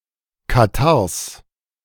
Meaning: genitive singular of Katarrh
- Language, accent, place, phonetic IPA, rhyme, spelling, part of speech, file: German, Germany, Berlin, [kaˈtaʁs], -aʁs, Katarrhs, noun, De-Katarrhs.ogg